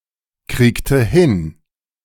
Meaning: inflection of hinkriegen: 1. first/third-person singular preterite 2. first/third-person singular subjunctive II
- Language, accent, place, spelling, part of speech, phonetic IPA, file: German, Germany, Berlin, kriegte hin, verb, [ˌkʁiːktə ˈhɪn], De-kriegte hin.ogg